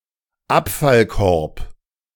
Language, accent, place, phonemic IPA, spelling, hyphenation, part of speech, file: German, Germany, Berlin, /ˈapfalˌkɔʁp/, Abfallkorb, Ab‧fall‧korb, noun, De-Abfallkorb.ogg
- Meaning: garbage can, recycle bin